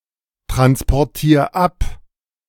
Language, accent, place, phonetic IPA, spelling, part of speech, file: German, Germany, Berlin, [tʁanspɔʁˌtiːɐ̯ ˈap], transportier ab, verb, De-transportier ab.ogg
- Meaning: 1. singular imperative of abtransportieren 2. first-person singular present of abtransportieren